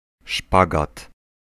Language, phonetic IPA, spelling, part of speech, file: Polish, [ˈʃpaɡat], szpagat, noun, Pl-szpagat.ogg